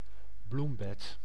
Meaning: flower bed
- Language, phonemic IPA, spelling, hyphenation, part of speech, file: Dutch, /ˈblum.bɛt/, bloembed, bloem‧bed, noun, Nl-bloembed.ogg